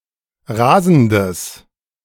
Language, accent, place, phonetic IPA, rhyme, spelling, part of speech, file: German, Germany, Berlin, [ˈʁaːzn̩dəs], -aːzn̩dəs, rasendes, adjective, De-rasendes.ogg
- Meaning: strong/mixed nominative/accusative neuter singular of rasend